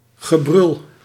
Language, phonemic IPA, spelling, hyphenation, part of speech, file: Dutch, /ɣəˈbrʏl/, gebrul, ge‧brul, noun, Nl-gebrul.ogg
- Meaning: 1. howl (prolonged cry of distress or anguish) 2. holler (any communication to get somebody's attention)